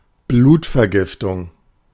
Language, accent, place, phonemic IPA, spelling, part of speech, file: German, Germany, Berlin, /ˈbluːtfɛɐ̯ˌɡɪftʊŋ/, Blutvergiftung, noun, De-Blutvergiftung.ogg
- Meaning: blood poisoning, septicemia, sepsis (a disease caused by pathogenic organisms in the bloodstream, characterised by chills and fever)